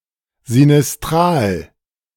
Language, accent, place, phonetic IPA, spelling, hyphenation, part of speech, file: German, Germany, Berlin, [zinɪsˈtʁaːl], sinistral, si‧nis‧t‧ral, adjective, De-sinistral.ogg
- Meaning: sinistral